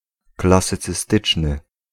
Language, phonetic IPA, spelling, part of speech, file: Polish, [ˌklasɨt͡sɨˈstɨt͡ʃnɨ], klasycystyczny, adjective, Pl-klasycystyczny.ogg